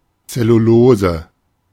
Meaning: cellulose
- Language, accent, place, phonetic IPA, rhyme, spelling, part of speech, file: German, Germany, Berlin, [t͡sɛluˈloːzə], -oːzə, Zellulose, noun, De-Zellulose.ogg